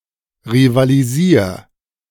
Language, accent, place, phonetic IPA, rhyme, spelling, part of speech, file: German, Germany, Berlin, [ʁivaliˈziːɐ̯], -iːɐ̯, rivalisier, verb, De-rivalisier.ogg
- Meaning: 1. singular imperative of rivalisieren 2. first-person singular present of rivalisieren